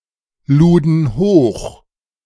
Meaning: first/third-person plural preterite of hochladen
- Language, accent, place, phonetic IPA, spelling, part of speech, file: German, Germany, Berlin, [ˌluːdn̩ ˈhoːx], luden hoch, verb, De-luden hoch.ogg